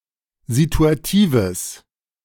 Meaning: strong/mixed nominative/accusative neuter singular of situativ
- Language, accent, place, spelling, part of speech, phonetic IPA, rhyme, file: German, Germany, Berlin, situatives, adjective, [zituaˈtiːvəs], -iːvəs, De-situatives.ogg